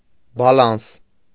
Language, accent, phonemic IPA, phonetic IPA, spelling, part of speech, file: Armenian, Eastern Armenian, /bɑˈlɑns/, [bɑlɑ́ns], բալանս, noun, Hy-բալանս.ogg
- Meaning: balance (list of credits and debits)